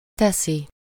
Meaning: third-person singular indicative present definite of tesz
- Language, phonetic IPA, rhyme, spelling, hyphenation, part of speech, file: Hungarian, [ˈtɛsi], -si, teszi, te‧szi, verb, Hu-teszi.ogg